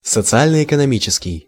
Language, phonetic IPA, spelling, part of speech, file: Russian, [sət͡sɨˌalʲnə ɪkənɐˈmʲit͡ɕɪskʲɪj], социально-экономический, adjective, Ru-социально-экономический.ogg
- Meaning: socio-economic